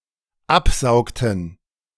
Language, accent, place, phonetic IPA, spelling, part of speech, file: German, Germany, Berlin, [ˈapˌzaʊ̯ktn̩], absaugten, verb, De-absaugten.ogg
- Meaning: inflection of absaugen: 1. first/third-person plural dependent preterite 2. first/third-person plural dependent subjunctive II